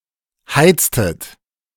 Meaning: inflection of heizen: 1. second-person plural preterite 2. second-person plural subjunctive II
- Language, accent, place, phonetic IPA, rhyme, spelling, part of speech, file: German, Germany, Berlin, [ˈhaɪ̯t͡stət], -aɪ̯t͡stət, heiztet, verb, De-heiztet.ogg